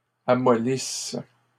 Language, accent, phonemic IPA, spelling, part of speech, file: French, Canada, /a.mɔ.lis/, amollisses, verb, LL-Q150 (fra)-amollisses.wav
- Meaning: second-person singular present/imperfect subjunctive of amollir